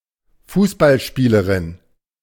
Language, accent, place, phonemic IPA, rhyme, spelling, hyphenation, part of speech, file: German, Germany, Berlin, /ˈfuːsbalˌʃpiːləʁɪn/, -iːləʁɪn, Fußballspielerin, Fuß‧ball‧spie‧le‧rin, noun, De-Fußballspielerin.ogg
- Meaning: female footballer, football player, soccer player